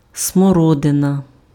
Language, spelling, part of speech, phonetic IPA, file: Ukrainian, смородина, noun, [smɔˈrɔdenɐ], Uk-смородина.ogg
- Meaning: 1. currant (any bush of the genus Ribes) 2. currant (fruit of the genus Ribes)